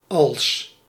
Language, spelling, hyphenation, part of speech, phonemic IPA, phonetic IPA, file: Dutch, als, als, conjunction / preposition, /ɑ(l)s/, [ɑ(ɫ)s], Nl-als.ogg
- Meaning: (conjunction) 1. if, when 2. when, as soon as 3. as though, as if 4. if, whether; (preposition) 1. like, as 2. even ... als: as ... as 3. than